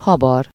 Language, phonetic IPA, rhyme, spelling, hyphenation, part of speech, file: Hungarian, [ˈhɒbɒr], -ɒr, habar, ha‧bar, verb, Hu-habar.ogg
- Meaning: 1. to stir, mix 2. to whip (cream), beat (egg) 3. to mix (mortar)